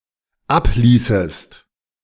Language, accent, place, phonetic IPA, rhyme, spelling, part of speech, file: German, Germany, Berlin, [ˈapˌliːsəst], -apliːsəst, abließest, verb, De-abließest.ogg
- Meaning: second-person singular dependent subjunctive II of ablassen